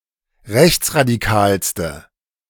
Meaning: inflection of rechtsradikal: 1. strong/mixed nominative/accusative feminine singular superlative degree 2. strong nominative/accusative plural superlative degree
- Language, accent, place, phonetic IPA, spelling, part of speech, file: German, Germany, Berlin, [ˈʁɛçt͡sʁadiˌkaːlstə], rechtsradikalste, adjective, De-rechtsradikalste.ogg